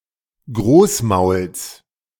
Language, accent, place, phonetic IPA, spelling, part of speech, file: German, Germany, Berlin, [ˈɡʁoːsˌmaʊ̯ls], Großmauls, noun, De-Großmauls.ogg
- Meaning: genitive singular of Großmaul